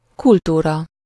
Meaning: culture
- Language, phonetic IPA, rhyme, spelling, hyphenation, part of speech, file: Hungarian, [ˈkultuːrɒ], -rɒ, kultúra, kul‧tú‧ra, noun, Hu-kultúra.ogg